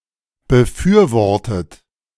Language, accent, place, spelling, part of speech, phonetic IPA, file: German, Germany, Berlin, befürwortet, verb, [bəˈfyːɐ̯ˌvɔʁtət], De-befürwortet.ogg
- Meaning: 1. past participle of befürworten 2. inflection of befürworten: third-person singular present 3. inflection of befürworten: second-person plural present 4. inflection of befürworten: plural imperative